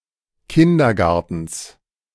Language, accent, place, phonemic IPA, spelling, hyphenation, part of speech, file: German, Germany, Berlin, /ˈkɪndɐˌɡaʁtn̩s/, Kindergartens, Kin‧der‧gar‧tens, noun, De-Kindergartens.ogg
- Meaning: genitive singular of Kindergarten